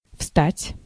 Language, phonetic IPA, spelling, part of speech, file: Russian, [fstatʲ], встать, verb, Ru-встать.ogg
- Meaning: 1. to stand up, to get up, to rise 2. to rise (of the sun) 3. to arise, to come up (of a question) 4. to come to a stop